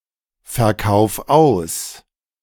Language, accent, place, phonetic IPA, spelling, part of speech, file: German, Germany, Berlin, [fɛɐ̯ˌkaʊ̯f ˈaʊ̯s], verkauf aus, verb, De-verkauf aus.ogg
- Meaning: 1. singular imperative of ausverkaufen 2. first-person singular present of ausverkaufen